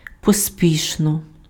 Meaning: hurriedly, hastily, in haste, in a hurry
- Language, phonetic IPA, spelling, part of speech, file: Ukrainian, [poˈsʲpʲiʃnɔ], поспішно, adverb, Uk-поспішно.ogg